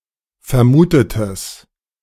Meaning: strong/mixed nominative/accusative neuter singular of vermutet
- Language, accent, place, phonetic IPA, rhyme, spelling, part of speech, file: German, Germany, Berlin, [fɛɐ̯ˈmuːtətəs], -uːtətəs, vermutetes, adjective, De-vermutetes.ogg